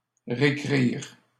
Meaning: alternative form of réécrire (“to rewrite”)
- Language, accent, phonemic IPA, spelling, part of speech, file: French, Canada, /ʁe.kʁiʁ/, récrire, verb, LL-Q150 (fra)-récrire.wav